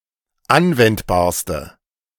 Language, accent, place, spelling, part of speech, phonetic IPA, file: German, Germany, Berlin, anwendbarste, adjective, [ˈanvɛntbaːɐ̯stə], De-anwendbarste.ogg
- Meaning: inflection of anwendbar: 1. strong/mixed nominative/accusative feminine singular superlative degree 2. strong nominative/accusative plural superlative degree